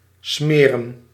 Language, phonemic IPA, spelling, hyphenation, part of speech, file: Dutch, /ˈsmeːrə(n)/, smeren, sme‧ren, verb / noun, Nl-smeren.ogg
- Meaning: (verb) 1. to smear, to rub a substance 2. to make, to butter 3. to grease, to oil, etc. (to make run more smoothly) 4. to corrupt, to pay off, to bribe 5. to get out, to make one's getaway, to leave